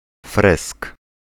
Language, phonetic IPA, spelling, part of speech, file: Polish, [frɛsk], fresk, noun, Pl-fresk.ogg